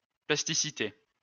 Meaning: 1. plasticity 2. malleability, pliability
- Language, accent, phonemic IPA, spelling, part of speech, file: French, France, /plas.ti.si.te/, plasticité, noun, LL-Q150 (fra)-plasticité.wav